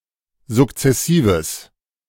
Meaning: strong/mixed nominative/accusative neuter singular of sukzessiv
- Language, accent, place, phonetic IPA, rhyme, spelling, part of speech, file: German, Germany, Berlin, [zʊkt͡sɛˈsiːvəs], -iːvəs, sukzessives, adjective, De-sukzessives.ogg